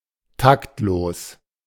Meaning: tactless
- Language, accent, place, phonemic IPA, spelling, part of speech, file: German, Germany, Berlin, /ˈtaktloːs/, taktlos, adjective, De-taktlos.ogg